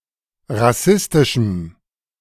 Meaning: strong dative masculine/neuter singular of rassistisch
- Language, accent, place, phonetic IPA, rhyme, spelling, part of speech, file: German, Germany, Berlin, [ʁaˈsɪstɪʃm̩], -ɪstɪʃm̩, rassistischem, adjective, De-rassistischem.ogg